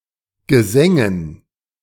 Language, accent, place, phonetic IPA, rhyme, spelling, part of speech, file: German, Germany, Berlin, [ɡəˈzɛŋən], -ɛŋən, Gesängen, noun, De-Gesängen.ogg
- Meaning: dative plural of Gesang